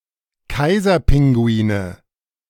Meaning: nominative/accusative/genitive plural of Kaiserpinguin
- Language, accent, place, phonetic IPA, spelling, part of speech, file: German, Germany, Berlin, [ˈkaɪ̯zɐˌpɪŋɡuiːnə], Kaiserpinguine, noun, De-Kaiserpinguine.ogg